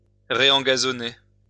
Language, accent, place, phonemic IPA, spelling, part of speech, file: French, France, Lyon, /ʁe.ɑ̃.ɡa.zɔ.ne/, réengazonner, verb, LL-Q150 (fra)-réengazonner.wav
- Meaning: to returf